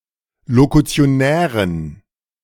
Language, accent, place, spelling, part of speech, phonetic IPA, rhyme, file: German, Germany, Berlin, lokutionären, adjective, [lokut͡si̯oˈnɛːʁən], -ɛːʁən, De-lokutionären.ogg
- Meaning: inflection of lokutionär: 1. strong genitive masculine/neuter singular 2. weak/mixed genitive/dative all-gender singular 3. strong/weak/mixed accusative masculine singular 4. strong dative plural